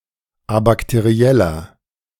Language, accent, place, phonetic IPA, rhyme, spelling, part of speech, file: German, Germany, Berlin, [abaktəˈʁi̯ɛlɐ], -ɛlɐ, abakterieller, adjective, De-abakterieller.ogg
- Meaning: inflection of abakteriell: 1. strong/mixed nominative masculine singular 2. strong genitive/dative feminine singular 3. strong genitive plural